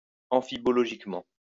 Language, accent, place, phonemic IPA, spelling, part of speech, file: French, France, Lyon, /ɑ̃.fi.bɔ.lɔ.ʒik.mɑ̃/, amphibologiquement, adverb, LL-Q150 (fra)-amphibologiquement.wav
- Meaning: amphibologically